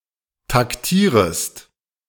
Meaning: second-person singular subjunctive I of taktieren
- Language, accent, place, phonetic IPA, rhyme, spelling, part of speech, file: German, Germany, Berlin, [takˈtiːʁəst], -iːʁəst, taktierest, verb, De-taktierest.ogg